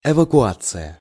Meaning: evacuation (leaving a place for protection)
- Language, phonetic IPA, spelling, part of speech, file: Russian, [ɪvəkʊˈat͡sɨjə], эвакуация, noun, Ru-эвакуация.ogg